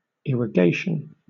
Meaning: The act or process of irrigating, or the state of being irrigated; especially, the operation of causing water to flow over lands, for nourishing plants
- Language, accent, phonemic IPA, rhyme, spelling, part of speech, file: English, Southern England, /ˌɪɹəˈɡeɪʃən/, -eɪʃən, irrigation, noun, LL-Q1860 (eng)-irrigation.wav